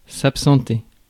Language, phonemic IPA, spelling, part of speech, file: French, /ap.sɑ̃.te/, absenter, verb, Fr-absenter.ogg
- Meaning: to leave; to absent oneself